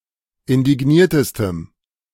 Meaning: strong dative masculine/neuter singular superlative degree of indigniert
- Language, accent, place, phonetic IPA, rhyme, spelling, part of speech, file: German, Germany, Berlin, [ɪndɪˈɡniːɐ̯təstəm], -iːɐ̯təstəm, indigniertestem, adjective, De-indigniertestem.ogg